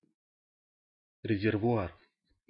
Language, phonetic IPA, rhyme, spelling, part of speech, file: Russian, [rʲɪzʲɪrvʊˈar], -ar, резервуар, noun, Ru-резервуар.ogg
- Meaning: reservoir, vessel, tank; basin